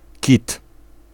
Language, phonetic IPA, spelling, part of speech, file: Polish, [cit], kit, noun, Pl-kit.ogg